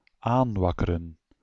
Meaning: 1. to fan (a fire), to kindle 2. to stimulate, incite, stir up, rouse 3. to regain strength, energy, vim, etc
- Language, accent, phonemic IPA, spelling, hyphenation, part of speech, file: Dutch, Belgium, /ˈaːnˌʋɑkərə(n)/, aanwakkeren, aan‧wak‧ke‧ren, verb, Nl-aanwakkeren.ogg